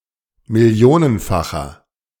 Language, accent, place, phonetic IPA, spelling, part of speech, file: German, Germany, Berlin, [mɪˈli̯oːnənˌfaxɐ], millionenfacher, adjective, De-millionenfacher.ogg
- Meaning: inflection of millionenfach: 1. strong/mixed nominative masculine singular 2. strong genitive/dative feminine singular 3. strong genitive plural